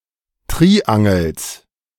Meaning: genitive singular of Triangel
- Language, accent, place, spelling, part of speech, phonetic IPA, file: German, Germany, Berlin, Triangels, noun, [ˈtʁiːʔaŋl̩s], De-Triangels.ogg